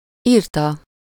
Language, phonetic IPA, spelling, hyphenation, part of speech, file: Hungarian, [ˈiːrtɒ], írta, ír‧ta, verb, Hu-írta.ogg
- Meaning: 1. third-person singular indicative past definite of ír 2. verbal participle of ír